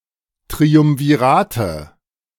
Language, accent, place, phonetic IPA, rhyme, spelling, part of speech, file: German, Germany, Berlin, [tʁiʊmviˈʁaːtə], -aːtə, Triumvirate, noun, De-Triumvirate.ogg
- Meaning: nominative/accusative/genitive plural of Triumvirat